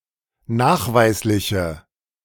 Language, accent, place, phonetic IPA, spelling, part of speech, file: German, Germany, Berlin, [ˈnaːxˌvaɪ̯slɪçə], nachweisliche, adjective, De-nachweisliche.ogg
- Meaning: inflection of nachweislich: 1. strong/mixed nominative/accusative feminine singular 2. strong nominative/accusative plural 3. weak nominative all-gender singular